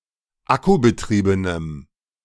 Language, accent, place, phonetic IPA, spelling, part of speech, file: German, Germany, Berlin, [ˈakubəˌtʁiːbənəm], akkubetriebenem, adjective, De-akkubetriebenem.ogg
- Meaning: strong dative masculine/neuter singular of akkubetrieben